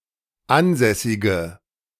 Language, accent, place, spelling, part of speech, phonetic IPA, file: German, Germany, Berlin, ansässige, adjective, [ˈanˌzɛsɪɡə], De-ansässige.ogg
- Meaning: inflection of ansässig: 1. strong/mixed nominative/accusative feminine singular 2. strong nominative/accusative plural 3. weak nominative all-gender singular